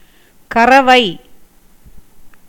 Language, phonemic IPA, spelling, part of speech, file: Tamil, /kɐrɐʋɐɪ̯/, கறவை, adjective / noun, Ta-கறவை.ogg
- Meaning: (adjective) milk-yielding; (noun) 1. a milch cow; a lactating cow 2. milking, as a cow 3. the quantity that is milked in one round